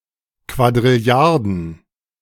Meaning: plural of Quadrilliarde
- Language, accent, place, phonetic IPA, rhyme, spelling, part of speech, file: German, Germany, Berlin, [kvadʁɪˈli̯aʁdn̩], -aʁdn̩, Quadrilliarden, noun, De-Quadrilliarden.ogg